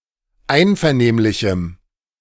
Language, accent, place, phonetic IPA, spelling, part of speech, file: German, Germany, Berlin, [ˈaɪ̯nfɛɐ̯ˌneːmlɪçm̩], einvernehmlichem, adjective, De-einvernehmlichem.ogg
- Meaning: strong dative masculine/neuter singular of einvernehmlich